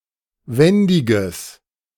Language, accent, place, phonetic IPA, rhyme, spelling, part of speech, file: German, Germany, Berlin, [ˈvɛndɪɡəs], -ɛndɪɡəs, wendiges, adjective, De-wendiges.ogg
- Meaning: strong/mixed nominative/accusative neuter singular of wendig